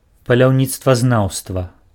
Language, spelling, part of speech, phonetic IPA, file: Belarusian, паляўніцтвазнаўства, noun, [palʲau̯ˌnʲit͡stvazˈnau̯stva], Be-паляўніцтвазнаўства.ogg
- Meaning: art of hunting, science of hunting